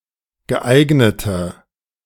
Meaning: inflection of geeignet: 1. strong/mixed nominative/accusative feminine singular 2. strong nominative/accusative plural 3. weak nominative all-gender singular
- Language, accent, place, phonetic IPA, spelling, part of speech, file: German, Germany, Berlin, [ɡəˈʔaɪ̯ɡnətə], geeignete, adjective, De-geeignete.ogg